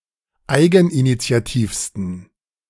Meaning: 1. superlative degree of eigeninitiativ 2. inflection of eigeninitiativ: strong genitive masculine/neuter singular superlative degree
- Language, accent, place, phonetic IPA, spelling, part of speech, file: German, Germany, Berlin, [ˈaɪ̯ɡn̩ʔinit͡si̯aˌtiːfstn̩], eigeninitiativsten, adjective, De-eigeninitiativsten.ogg